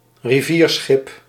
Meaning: a river ship
- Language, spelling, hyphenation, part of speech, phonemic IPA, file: Dutch, rivierschip, ri‧vier‧schip, noun, /riˈviːrˌsxɪp/, Nl-rivierschip.ogg